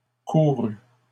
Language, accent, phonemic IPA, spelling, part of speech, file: French, Canada, /ku.ʁy/, courue, verb, LL-Q150 (fra)-courue.wav
- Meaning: feminine singular of couru